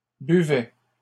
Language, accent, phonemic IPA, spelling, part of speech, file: French, Canada, /by.vɛ/, buvait, verb, LL-Q150 (fra)-buvait.wav
- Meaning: third-person singular imperfect indicative of boire